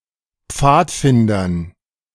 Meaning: dative plural of Pfadfinder
- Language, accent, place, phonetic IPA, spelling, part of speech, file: German, Germany, Berlin, [ˈp͡faːtˌfɪndɐn], Pfadfindern, noun, De-Pfadfindern.ogg